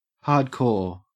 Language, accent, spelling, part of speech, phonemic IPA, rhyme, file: English, Australia, hardcore, adjective / noun / adverb, /hɑː(ɹ)dˈkɔː(ɹ)/, -ɔː(ɹ), En-au-hardcore.ogg
- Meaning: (adjective) 1. Having an extreme dedication to a certain activity 2. So hard as to require extreme dedication to complete